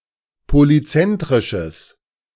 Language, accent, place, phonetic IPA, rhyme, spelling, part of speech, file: German, Germany, Berlin, [poliˈt͡sɛntʁɪʃəs], -ɛntʁɪʃəs, polyzentrisches, adjective, De-polyzentrisches.ogg
- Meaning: strong/mixed nominative/accusative neuter singular of polyzentrisch